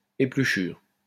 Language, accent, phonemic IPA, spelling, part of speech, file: French, France, /e.ply.ʃyʁ/, épluchure, noun, LL-Q150 (fra)-épluchure.wav
- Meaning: peeling (leftover waste parts of food after peeling)